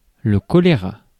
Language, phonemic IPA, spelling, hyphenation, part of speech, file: French, /kɔ.le.ʁa/, choléra, cho‧lé‧ra, noun, Fr-choléra.ogg
- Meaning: cholera (infectious disease)